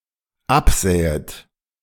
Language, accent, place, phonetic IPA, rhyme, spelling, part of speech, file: German, Germany, Berlin, [ˈapˌzɛːət], -apzɛːət, absähet, verb, De-absähet.ogg
- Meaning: second-person plural dependent subjunctive II of absehen